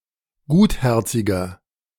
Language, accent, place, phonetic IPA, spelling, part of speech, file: German, Germany, Berlin, [ˈɡuːtˌhɛʁt͡sɪɡɐ], gutherziger, adjective, De-gutherziger.ogg
- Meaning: 1. comparative degree of gutherzig 2. inflection of gutherzig: strong/mixed nominative masculine singular 3. inflection of gutherzig: strong genitive/dative feminine singular